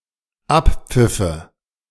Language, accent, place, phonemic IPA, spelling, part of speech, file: German, Germany, Berlin, /ˈʔappfɪfə/, Abpfiffe, noun, De-Abpfiffe.ogg
- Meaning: nominative/accusative/genitive plural of Abpfiff